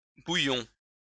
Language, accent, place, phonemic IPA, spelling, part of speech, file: French, France, Lyon, /bu.jɔ̃/, bouillons, verb / noun, LL-Q150 (fra)-bouillons.wav
- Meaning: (verb) inflection of bouillir: 1. first-person plural present indicative 2. first-person plural imperative; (noun) plural of bouillon